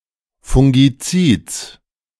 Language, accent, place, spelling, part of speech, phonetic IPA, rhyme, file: German, Germany, Berlin, Fungizids, noun, [fʊŋɡiˈt͡siːt͡s], -iːt͡s, De-Fungizids.ogg
- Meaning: genitive singular of Fungizid